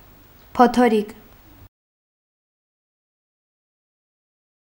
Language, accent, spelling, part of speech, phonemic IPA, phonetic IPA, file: Armenian, Eastern Armenian, փոթորիկ, noun, /pʰotʰoˈɾik/, [pʰotʰoɾík], Hy-փոթորիկ.ogg
- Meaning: storm; hurricane